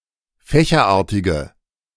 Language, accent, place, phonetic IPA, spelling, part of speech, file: German, Germany, Berlin, [ˈfɛːçɐˌʔaːɐ̯tɪɡə], fächerartige, adjective, De-fächerartige.ogg
- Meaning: inflection of fächerartig: 1. strong/mixed nominative/accusative feminine singular 2. strong nominative/accusative plural 3. weak nominative all-gender singular